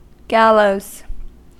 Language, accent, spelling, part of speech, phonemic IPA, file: English, US, gallows, noun / adverb / verb, /ˈɡæloʊz/, En-us-gallows.ogg
- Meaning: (noun) 1. A wooden framework on which persons are executed by hanging 2. A wretch who deserves to be hanged 3. The rest for the tympan when raised 4. Suspenders; braces